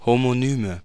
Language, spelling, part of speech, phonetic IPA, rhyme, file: German, Homonyme, noun, [homoˈnyːmə], -yːmə, De-Homonyme.ogg
- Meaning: nominative/accusative/genitive plural of Homonym